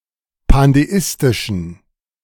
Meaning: inflection of pandeistisch: 1. strong genitive masculine/neuter singular 2. weak/mixed genitive/dative all-gender singular 3. strong/weak/mixed accusative masculine singular 4. strong dative plural
- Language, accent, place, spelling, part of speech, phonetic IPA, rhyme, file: German, Germany, Berlin, pandeistischen, adjective, [pandeˈɪstɪʃn̩], -ɪstɪʃn̩, De-pandeistischen.ogg